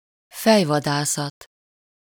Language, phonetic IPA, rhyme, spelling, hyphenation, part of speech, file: Hungarian, [ˈfɛjvɒdaːsɒt], -ɒt, fejvadászat, fej‧va‧dá‧szat, noun, Hu-fejvadászat.ogg
- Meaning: 1. headhunting (the act of hunting and beheading humans) 2. headhunting, executive search (recruitment of senior personnel)